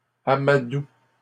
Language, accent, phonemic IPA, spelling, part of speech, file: French, Canada, /a.ma.du/, amadouent, verb, LL-Q150 (fra)-amadouent.wav
- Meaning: third-person plural present indicative/subjunctive of amadouer